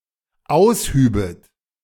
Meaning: second-person plural dependent subjunctive II of ausheben
- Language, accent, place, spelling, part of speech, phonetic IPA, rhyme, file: German, Germany, Berlin, aushübet, verb, [ˈaʊ̯sˌhyːbət], -aʊ̯shyːbət, De-aushübet.ogg